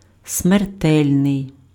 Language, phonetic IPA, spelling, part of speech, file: Ukrainian, [smerˈtɛlʲnei̯], смертельний, adjective, Uk-смертельний.ogg
- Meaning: deadly, lethal, fatal, mortal (resulting in death)